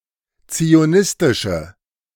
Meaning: inflection of zionistisch: 1. strong/mixed nominative/accusative feminine singular 2. strong nominative/accusative plural 3. weak nominative all-gender singular
- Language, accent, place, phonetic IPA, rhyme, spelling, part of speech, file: German, Germany, Berlin, [t͡sioˈnɪstɪʃə], -ɪstɪʃə, zionistische, adjective, De-zionistische.ogg